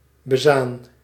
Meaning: 1. mizzenmast (hindmost mast of a ship) 2. mizzensail (hindmost sail of a ship)
- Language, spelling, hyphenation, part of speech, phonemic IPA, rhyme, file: Dutch, bezaan, be‧zaan, noun, /bəˈzaːn/, -aːn, Nl-bezaan.ogg